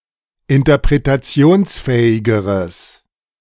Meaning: strong/mixed nominative/accusative neuter singular comparative degree of interpretationsfähig
- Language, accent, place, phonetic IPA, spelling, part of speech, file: German, Germany, Berlin, [ɪntɐpʁetaˈt͡si̯oːnsˌfɛːɪɡəʁəs], interpretationsfähigeres, adjective, De-interpretationsfähigeres.ogg